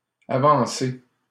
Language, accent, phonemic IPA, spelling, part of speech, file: French, Canada, /a.vɑ̃.se/, avancée, adjective / noun, LL-Q150 (fra)-avancée.wav
- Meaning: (adjective) feminine singular of avancé; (noun) 1. advance, progress 2. an ordinance passed to hold a trial ahead of time